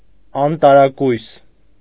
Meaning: certainly, surely
- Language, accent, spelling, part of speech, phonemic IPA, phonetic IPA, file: Armenian, Eastern Armenian, անտարակույս, adverb, /ɑntɑɾɑˈkujs/, [ɑntɑɾɑkújs], Hy-անտարակույս.ogg